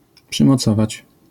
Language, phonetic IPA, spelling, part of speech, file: Polish, [ˌpʃɨ̃mɔˈt͡sɔvat͡ɕ], przymocować, verb, LL-Q809 (pol)-przymocować.wav